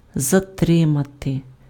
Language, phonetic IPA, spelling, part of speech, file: Ukrainian, [zɐˈtrɪmɐte], затримати, verb, Uk-затримати.ogg
- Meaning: 1. to detain, to hold back, to keep back, to stop (halt the forward movement of) 2. to delay, to slow down, to retard, to hinder, to stem, to check, to inhibit 3. to detain, to arrest, to apprehend